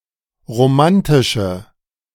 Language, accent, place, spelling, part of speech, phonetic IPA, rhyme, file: German, Germany, Berlin, romantische, adjective, [ʁoˈmantɪʃə], -antɪʃə, De-romantische.ogg
- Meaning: inflection of romantisch: 1. strong/mixed nominative/accusative feminine singular 2. strong nominative/accusative plural 3. weak nominative all-gender singular